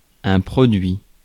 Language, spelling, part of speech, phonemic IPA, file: French, produit, verb / noun, /pʁɔ.dɥi/, Fr-produit.ogg
- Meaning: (verb) 1. past participle of produire 2. third-person singular present indicative of produire; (noun) 1. product 2. production